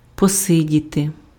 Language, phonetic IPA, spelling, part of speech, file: Ukrainian, [pɔˈsɪdʲite], посидіти, verb, Uk-посидіти.ogg
- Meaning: to sit for a while